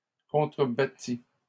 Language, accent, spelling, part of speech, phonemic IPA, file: French, Canada, contrebattis, verb, /kɔ̃.tʁə.ba.ti/, LL-Q150 (fra)-contrebattis.wav
- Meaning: first/second-person singular past historic of contrebattre